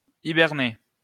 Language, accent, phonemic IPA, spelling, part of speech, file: French, France, /i.bɛʁ.ne/, hiberner, verb, LL-Q150 (fra)-hiberner.wav
- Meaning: to hibernate (to spend the winter in a dormant or inactive state of minimal activity, low body temperature, slow breathing and heart rate, and low metabolic rate; to go through a winter sleep)